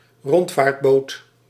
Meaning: tour boat, excursion boat
- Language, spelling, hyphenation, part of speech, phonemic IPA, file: Dutch, rondvaartboot, rond‧vaart‧boot, noun, /ˈrɔnt.faːrtˌboːt/, Nl-rondvaartboot.ogg